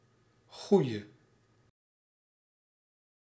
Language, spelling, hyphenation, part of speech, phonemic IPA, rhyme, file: Dutch, goede, goe‧de, noun / adjective / verb, /ˈɣudə/, -udə, Nl-goede.ogg
- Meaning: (noun) 1. good person 2. the good guys 3. good (as a concept), that which is good; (adjective) inflection of goed: 1. masculine/feminine singular attributive 2. definite neuter singular attributive